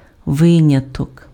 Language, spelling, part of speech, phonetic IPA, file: Ukrainian, виняток, noun, [ˈʋɪnʲɐtɔk], Uk-виняток.ogg
- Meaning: exception